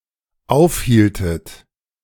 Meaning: inflection of aufhalten: 1. second-person plural dependent preterite 2. second-person plural dependent subjunctive II
- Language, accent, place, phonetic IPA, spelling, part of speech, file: German, Germany, Berlin, [ˈaʊ̯fˌhiːltət], aufhieltet, verb, De-aufhieltet.ogg